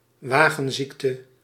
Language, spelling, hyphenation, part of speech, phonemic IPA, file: Dutch, wagenziekte, wa‧gen‧ziek‧te, noun, /ˈʋaː.ɣə(n)ˌzik.tə/, Nl-wagenziekte.ogg
- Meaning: 1. carsickness (motion sickness caused by motor car travel) 2. motion sickness caused by travel in an animal-drawn car or carriage